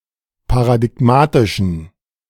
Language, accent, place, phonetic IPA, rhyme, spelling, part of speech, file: German, Germany, Berlin, [paʁadɪˈɡmaːtɪʃn̩], -aːtɪʃn̩, paradigmatischen, adjective, De-paradigmatischen.ogg
- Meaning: inflection of paradigmatisch: 1. strong genitive masculine/neuter singular 2. weak/mixed genitive/dative all-gender singular 3. strong/weak/mixed accusative masculine singular 4. strong dative plural